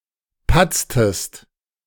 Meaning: inflection of patzen: 1. second-person singular preterite 2. second-person singular subjunctive II
- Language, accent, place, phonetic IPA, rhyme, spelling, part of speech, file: German, Germany, Berlin, [ˈpat͡stəst], -at͡stəst, patztest, verb, De-patztest.ogg